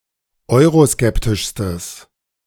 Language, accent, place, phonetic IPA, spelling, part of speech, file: German, Germany, Berlin, [ˈɔɪ̯ʁoˌskɛptɪʃstəs], euroskeptischstes, adjective, De-euroskeptischstes.ogg
- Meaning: strong/mixed nominative/accusative neuter singular superlative degree of euroskeptisch